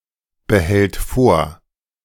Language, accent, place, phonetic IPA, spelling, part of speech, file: German, Germany, Berlin, [bəˌhɛlt ˈfoːɐ̯], behält vor, verb, De-behält vor.ogg
- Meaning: third-person singular present of vorbehalten